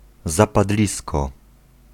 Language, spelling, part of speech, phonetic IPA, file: Polish, zapadlisko, noun, [ˌzapaˈdlʲiskɔ], Pl-zapadlisko.ogg